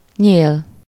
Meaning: handle (the part of an object which is designed to be held in the hand when used or moved)
- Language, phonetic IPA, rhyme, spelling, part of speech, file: Hungarian, [ˈɲeːl], -eːl, nyél, noun, Hu-nyél.ogg